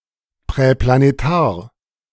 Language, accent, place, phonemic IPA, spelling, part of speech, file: German, Germany, Berlin, /pʁɛplaneˈtaːɐ̯/, präplanetar, adjective, De-präplanetar.ogg
- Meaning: preplanetary